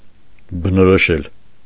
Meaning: 1. to describe, to characterize, to call 2. to determine, to establish, to ascertain
- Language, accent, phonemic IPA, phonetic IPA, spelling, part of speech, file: Armenian, Eastern Armenian, /bənoɾoˈʃel/, [bənoɾoʃél], բնորոշել, verb, Hy-բնորոշել.ogg